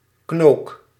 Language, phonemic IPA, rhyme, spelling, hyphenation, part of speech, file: Dutch, /knoːk/, -oːk, knook, knook, noun, Nl-knook.ogg
- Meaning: bone